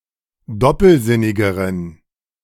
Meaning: inflection of doppelsinnig: 1. strong genitive masculine/neuter singular comparative degree 2. weak/mixed genitive/dative all-gender singular comparative degree
- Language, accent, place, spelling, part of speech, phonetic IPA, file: German, Germany, Berlin, doppelsinnigeren, adjective, [ˈdɔpl̩ˌzɪnɪɡəʁən], De-doppelsinnigeren.ogg